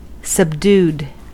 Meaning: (adjective) 1. Conquered; overpowered; crushed; submissive 2. Not glaring in color; soft and light in tone 3. Reduced in intensity or strength; toned down
- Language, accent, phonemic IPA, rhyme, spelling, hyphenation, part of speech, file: English, US, /səbˈdud/, -uːd, subdued, sub‧dued, adjective / verb, En-us-subdued.ogg